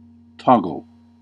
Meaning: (noun) A wooden or metal pin, short rod, crosspiece or similar, fixed transversely in the eye of a rope or chain to be secured to any other loop, ring, or bight, e.g. a sea painter to a lifeboat
- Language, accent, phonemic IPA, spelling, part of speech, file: English, US, /ˈtɑ.ɡəl/, toggle, noun / verb, En-us-toggle.ogg